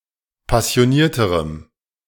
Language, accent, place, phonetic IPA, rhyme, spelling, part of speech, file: German, Germany, Berlin, [pasi̯oˈniːɐ̯təʁəm], -iːɐ̯təʁəm, passionierterem, adjective, De-passionierterem.ogg
- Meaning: strong dative masculine/neuter singular comparative degree of passioniert